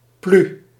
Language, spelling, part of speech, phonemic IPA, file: Dutch, plu, noun, /ply/, Nl-plu.ogg
- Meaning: umbrella, brolly